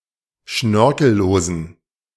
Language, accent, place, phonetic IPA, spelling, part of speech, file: German, Germany, Berlin, [ˈʃnœʁkl̩ˌloːzn̩], schnörkellosen, adjective, De-schnörkellosen.ogg
- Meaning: inflection of schnörkellos: 1. strong genitive masculine/neuter singular 2. weak/mixed genitive/dative all-gender singular 3. strong/weak/mixed accusative masculine singular 4. strong dative plural